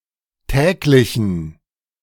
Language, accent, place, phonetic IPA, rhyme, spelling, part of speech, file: German, Germany, Berlin, [ˈtɛːklɪçn̩], -ɛːklɪçn̩, täglichen, adjective, De-täglichen.ogg
- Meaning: inflection of täglich: 1. strong genitive masculine/neuter singular 2. weak/mixed genitive/dative all-gender singular 3. strong/weak/mixed accusative masculine singular 4. strong dative plural